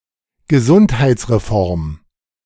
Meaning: healthcare reform
- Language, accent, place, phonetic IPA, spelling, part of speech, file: German, Germany, Berlin, [ɡəˈzunthaɪ̯t͡sʁeˌfɔʁm], Gesundheitsreform, noun, De-Gesundheitsreform.ogg